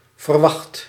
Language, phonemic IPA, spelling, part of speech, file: Dutch, /vərˈwɑxt/, verwacht, verb / adjective, Nl-verwacht.ogg
- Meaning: 1. inflection of verwachten: first/second/third-person singular present indicative 2. inflection of verwachten: imperative 3. past participle of verwachten